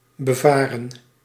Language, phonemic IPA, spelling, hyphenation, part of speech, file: Dutch, /bəˈvaː.rə(n)/, bevaren, be‧va‧ren, verb, Nl-bevaren.ogg
- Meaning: 1. to sail on, to navigate on 2. to move on, to go on, to travel on